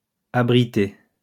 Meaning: past participle of abriter
- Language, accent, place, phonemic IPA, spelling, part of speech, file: French, France, Lyon, /a.bʁi.te/, abrité, verb, LL-Q150 (fra)-abrité.wav